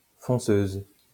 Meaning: female equivalent of fonceur
- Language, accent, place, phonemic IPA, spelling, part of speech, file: French, France, Lyon, /fɔ̃.søz/, fonceuse, noun, LL-Q150 (fra)-fonceuse.wav